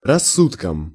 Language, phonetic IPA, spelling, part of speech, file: Russian, [rɐˈsːutkəm], рассудком, noun, Ru-рассудком.ogg
- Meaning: instrumental singular of рассу́док (rassúdok)